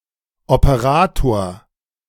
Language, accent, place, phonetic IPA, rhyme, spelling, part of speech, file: German, Germany, Berlin, [opəˈʁaːtoːɐ̯], -aːtoːɐ̯, Operator, noun, De-Operator.ogg
- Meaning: operator (mathematical operator)